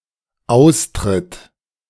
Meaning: third-person singular dependent present of austreten
- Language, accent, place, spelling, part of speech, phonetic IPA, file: German, Germany, Berlin, austritt, verb, [ˈaʊ̯stʁɪt], De-austritt.ogg